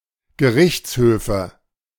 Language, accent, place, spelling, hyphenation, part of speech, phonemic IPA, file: German, Germany, Berlin, Gerichtshöfe, Ge‧richts‧hö‧fe, noun, /ɡəˈʁɪçt͡sˌhøːfə/, De-Gerichtshöfe.ogg
- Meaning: nominative/accusative/genitive plural of Gerichtshof